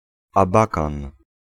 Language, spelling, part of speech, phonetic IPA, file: Polish, Abakan, proper noun, [aˈbakãn], Pl-Abakan.ogg